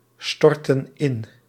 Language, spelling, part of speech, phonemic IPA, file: Dutch, storten in, verb, /ˈstɔrtə(n) ˈɪn/, Nl-storten in.ogg
- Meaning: inflection of instorten: 1. plural present indicative 2. plural present subjunctive